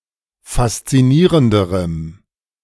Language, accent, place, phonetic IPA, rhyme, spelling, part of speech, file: German, Germany, Berlin, [fast͡siˈniːʁəndəʁəm], -iːʁəndəʁəm, faszinierenderem, adjective, De-faszinierenderem.ogg
- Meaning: strong dative masculine/neuter singular comparative degree of faszinierend